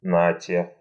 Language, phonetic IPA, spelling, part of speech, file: Russian, [ˈnatʲe], нате, particle / interjection, Ru-нате.ogg
- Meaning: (particle) here you are!; there you are!, here! (said formally or to a group of people when giving someone something, i.e., "take it!"); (interjection) (an exclamation of surprise)